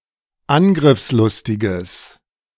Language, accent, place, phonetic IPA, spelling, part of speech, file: German, Germany, Berlin, [ˈanɡʁɪfsˌlʊstɪɡəs], angriffslustiges, adjective, De-angriffslustiges.ogg
- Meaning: strong/mixed nominative/accusative neuter singular of angriffslustig